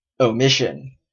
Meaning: 1. The act of omitting 2. The act of neglecting to perform an action one has an obligation to do 3. An instance of those acts, or the thing left out thereby; something deleted or left out
- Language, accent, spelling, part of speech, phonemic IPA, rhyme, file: English, Canada, omission, noun, /oʊˈmɪʃ.ən/, -ɪʃən, En-ca-omission.oga